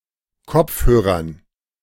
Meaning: dative plural of Kopfhörer
- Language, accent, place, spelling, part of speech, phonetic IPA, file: German, Germany, Berlin, Kopfhörern, noun, [ˈkɔp͡fhøːʁɐn], De-Kopfhörern.ogg